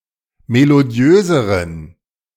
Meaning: inflection of melodiös: 1. strong genitive masculine/neuter singular comparative degree 2. weak/mixed genitive/dative all-gender singular comparative degree
- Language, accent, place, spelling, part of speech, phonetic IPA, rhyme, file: German, Germany, Berlin, melodiöseren, adjective, [meloˈdi̯øːzəʁən], -øːzəʁən, De-melodiöseren.ogg